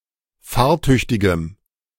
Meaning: strong dative masculine/neuter singular of fahrtüchtig
- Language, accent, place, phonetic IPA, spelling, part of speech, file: German, Germany, Berlin, [ˈfaːɐ̯ˌtʏçtɪɡəm], fahrtüchtigem, adjective, De-fahrtüchtigem.ogg